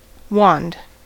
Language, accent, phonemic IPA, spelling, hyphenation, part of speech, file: English, General American, /wɑnd/, wand, wand, noun / verb, En-us-wand.ogg
- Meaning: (noun) A hand-held narrow rod, usually used for pointing or instructing, or as a traditional emblem of authority